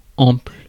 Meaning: 1. plentiful, abundant, copious, profuse, ample 2. loose, baggy
- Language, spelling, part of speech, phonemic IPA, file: French, ample, adjective, /ɑ̃pl/, Fr-ample.ogg